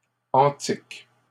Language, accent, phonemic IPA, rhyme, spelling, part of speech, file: French, Canada, /ɑ̃.tik/, -ɑ̃tik, antiques, adjective, LL-Q150 (fra)-antiques.wav
- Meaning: plural of antique